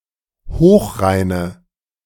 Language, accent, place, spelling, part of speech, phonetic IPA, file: German, Germany, Berlin, hochreine, adjective, [ˈhoːxˌʁaɪ̯nə], De-hochreine.ogg
- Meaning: inflection of hochrein: 1. strong/mixed nominative/accusative feminine singular 2. strong nominative/accusative plural 3. weak nominative all-gender singular